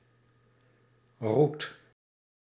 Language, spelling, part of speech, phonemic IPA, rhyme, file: Dutch, roet, noun, /rut/, -ut, Nl-roet.ogg
- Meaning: 1. soot (fine dark particles of amorphous carbon and tar, produced by the incomplete combustion of organic material or fuel) 2. a fungus type